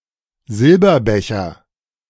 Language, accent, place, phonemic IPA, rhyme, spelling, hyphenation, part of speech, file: German, Germany, Berlin, /ˈzɪlbɐˌbɛçɐ/, -ɛçɐ, Silberbecher, Sil‧ber‧be‧cher, noun, De-Silberbecher.ogg
- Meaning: silver cup